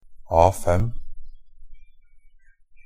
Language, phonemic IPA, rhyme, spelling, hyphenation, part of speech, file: Norwegian Bokmål, /ˈɑːfɛm/, -ɛm, A5, A‧5, noun, NB - Pronunciation of Norwegian Bokmål «A5».ogg
- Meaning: A standard paper size, defined by ISO 216